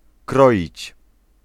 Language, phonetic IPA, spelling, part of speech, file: Polish, [ˈkrɔ.ʲit͡ɕ], kroić, verb, Pl-kroić.ogg